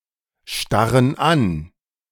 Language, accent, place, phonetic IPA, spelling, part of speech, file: German, Germany, Berlin, [ˌʃtaʁən ˈan], starren an, verb, De-starren an.ogg
- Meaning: inflection of anstarren: 1. first/third-person plural present 2. first/third-person plural subjunctive I